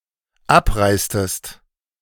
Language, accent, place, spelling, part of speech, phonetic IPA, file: German, Germany, Berlin, abreistest, verb, [ˈapˌʁaɪ̯stəst], De-abreistest.ogg
- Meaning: inflection of abreisen: 1. second-person singular dependent preterite 2. second-person singular dependent subjunctive II